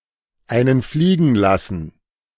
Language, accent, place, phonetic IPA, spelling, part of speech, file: German, Germany, Berlin, [ˌaɪ̯nən ˈfliːɡən ˌlasn̩], einen fliegen lassen, verb, De-einen fliegen lassen.ogg
- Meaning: to flatulate